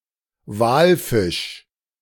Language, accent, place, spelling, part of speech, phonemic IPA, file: German, Germany, Berlin, Walfisch, noun, /ˈvaːlˌfɪʃ/, De-Walfisch.ogg
- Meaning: 1. whale 2. Cetus